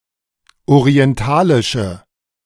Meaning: inflection of orientalisch: 1. strong/mixed nominative/accusative feminine singular 2. strong nominative/accusative plural 3. weak nominative all-gender singular
- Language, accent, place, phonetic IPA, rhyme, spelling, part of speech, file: German, Germany, Berlin, [oʁiɛnˈtaːlɪʃə], -aːlɪʃə, orientalische, adjective, De-orientalische.ogg